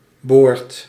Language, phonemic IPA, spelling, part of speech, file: Dutch, /bort/, boort, noun / verb, Nl-boort.ogg